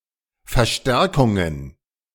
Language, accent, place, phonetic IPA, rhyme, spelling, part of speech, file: German, Germany, Berlin, [fɛɐ̯ˈʃtɛʁkʊŋən], -ɛʁkʊŋən, Verstärkungen, noun, De-Verstärkungen.ogg
- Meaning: plural of Verstärkung